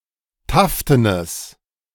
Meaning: strong/mixed nominative/accusative neuter singular of taften
- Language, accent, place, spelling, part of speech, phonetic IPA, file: German, Germany, Berlin, taftenes, adjective, [ˈtaftənəs], De-taftenes.ogg